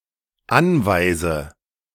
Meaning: inflection of anweisen: 1. first-person singular dependent present 2. first/third-person singular dependent subjunctive I
- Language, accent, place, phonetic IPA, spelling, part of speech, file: German, Germany, Berlin, [ˈanvaɪ̯zə], anweise, verb, De-anweise.ogg